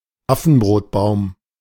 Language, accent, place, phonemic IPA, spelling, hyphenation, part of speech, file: German, Germany, Berlin, /ˈafn̩bʁoːtˌbaʊ̯m/, Affenbrotbaum, Af‧fen‧brot‧baum, noun, De-Affenbrotbaum.ogg
- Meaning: monkey bread, baobab tree (Adansonia)